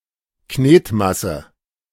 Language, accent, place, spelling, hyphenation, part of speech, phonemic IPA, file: German, Germany, Berlin, Knetmasse, Knet‧mas‧se, noun, /ˈkneːtˌmasə/, De-Knetmasse.ogg
- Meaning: plasticine, modeling clay